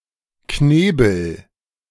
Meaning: gag (a device to restrain speech)
- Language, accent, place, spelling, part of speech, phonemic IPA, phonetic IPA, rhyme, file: German, Germany, Berlin, Knebel, noun, /ˈkneːbəl/, [ˈkneːbl̩], -eːbl̩, De-Knebel.ogg